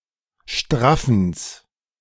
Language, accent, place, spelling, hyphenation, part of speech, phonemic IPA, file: German, Germany, Berlin, Straffens, Straf‧fens, noun, /ˈʃtʁafn̩s/, De-Straffens.ogg
- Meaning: genitive singular of Straffen